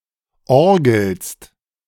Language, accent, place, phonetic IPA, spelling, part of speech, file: German, Germany, Berlin, [ˈɔʁɡl̩st], orgelst, verb, De-orgelst.ogg
- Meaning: second-person singular present of orgeln